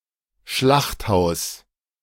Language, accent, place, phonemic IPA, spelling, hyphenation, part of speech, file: German, Germany, Berlin, /ˈʃlaχtˌhaʊ̯s/, Schlachthaus, Schlacht‧haus, noun, De-Schlachthaus.ogg
- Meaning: slaughterhouse